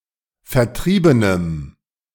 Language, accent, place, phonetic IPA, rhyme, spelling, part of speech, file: German, Germany, Berlin, [fɛɐ̯ˈtʁiːbənəm], -iːbənəm, vertriebenem, adjective, De-vertriebenem.ogg
- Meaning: strong dative masculine/neuter singular of vertrieben